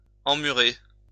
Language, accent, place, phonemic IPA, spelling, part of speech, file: French, France, Lyon, /ɑ̃.my.ʁe/, emmurer, verb, LL-Q150 (fra)-emmurer.wav
- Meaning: to immure